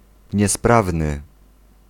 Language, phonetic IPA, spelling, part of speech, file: Polish, [ɲɛˈspravnɨ], niesprawny, adjective, Pl-niesprawny.ogg